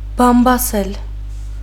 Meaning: 1. to gossip 2. to detract, to slander, to speak ill of, to calumniate
- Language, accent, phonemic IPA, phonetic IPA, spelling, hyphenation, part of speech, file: Armenian, Western Armenian, /pɑmpɑˈsel/, [pʰɑmpʰɑsél], բամբասել, բամ‧բա‧սել, verb, HyW-բամբասել.ogg